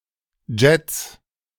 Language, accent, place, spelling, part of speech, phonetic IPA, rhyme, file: German, Germany, Berlin, Jets, noun, [d͡ʒɛt͡s], -ɛt͡s, De-Jets.ogg
- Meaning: 1. plural of Jet 2. genitive singular of Jet